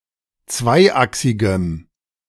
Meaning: strong dative masculine/neuter singular of zweiachsig
- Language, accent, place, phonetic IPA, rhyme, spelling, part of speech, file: German, Germany, Berlin, [ˈt͡svaɪ̯ˌʔaksɪɡəm], -aɪ̯ʔaksɪɡəm, zweiachsigem, adjective, De-zweiachsigem.ogg